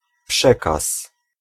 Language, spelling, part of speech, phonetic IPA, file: Polish, przekaz, noun, [ˈpʃɛkas], Pl-przekaz.ogg